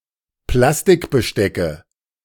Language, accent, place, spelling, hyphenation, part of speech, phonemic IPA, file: German, Germany, Berlin, Plastikbestecke, Plas‧tik‧be‧ste‧cke, noun, /ˈplastɪkbəˌʃtɛkə/, De-Plastikbestecke.ogg
- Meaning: nominative/accusative/genitive plural of Plastikbesteck